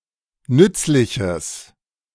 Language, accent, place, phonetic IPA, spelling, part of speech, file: German, Germany, Berlin, [ˈnʏt͡slɪçəs], nützliches, adjective, De-nützliches.ogg
- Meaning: strong/mixed nominative/accusative neuter singular of nützlich